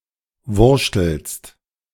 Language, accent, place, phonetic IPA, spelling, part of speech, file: German, Germany, Berlin, [ˈvʊʁʃtl̩st], wurschtelst, verb, De-wurschtelst.ogg
- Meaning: second-person singular present of wurschteln